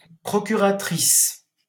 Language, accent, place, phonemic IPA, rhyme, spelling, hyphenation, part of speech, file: French, France, Paris, /pʁɔ.ky.ʁa.tʁis/, -is, procuratrice, pro‧cu‧ra‧trice, noun, LL-Q150 (fra)-procuratrice.wav
- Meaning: female equivalent of procureur